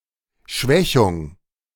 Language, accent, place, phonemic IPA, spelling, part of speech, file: German, Germany, Berlin, /ˈʃvɛçʊŋ/, Schwächung, noun, De-Schwächung.ogg
- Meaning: 1. weakening, attenuation 2. impairment, enfeeblement 3. lenition